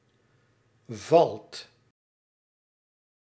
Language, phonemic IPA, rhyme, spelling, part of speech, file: Dutch, /vɑlt/, -ɑlt, valt, verb, Nl-valt.ogg
- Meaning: inflection of vallen: 1. second/third-person singular present indicative 2. plural imperative